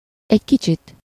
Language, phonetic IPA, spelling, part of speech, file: Hungarian, [ˈɛɟ ˈkit͡ʃit], egy kicsit, adverb, Hu-egy kicsit.ogg
- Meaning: 1. a little, a bit 2. awhile, for a while